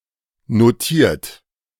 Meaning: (verb) past participle of notieren; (adjective) 1. listed 2. noted, noticed; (verb) inflection of notieren: 1. third-person singular present 2. second-person plural present 3. plural imperative
- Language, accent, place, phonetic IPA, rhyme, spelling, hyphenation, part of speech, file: German, Germany, Berlin, [noˈtiːɐ̯t], -iːɐ̯t, notiert, no‧tiert, verb / adjective, De-notiert.ogg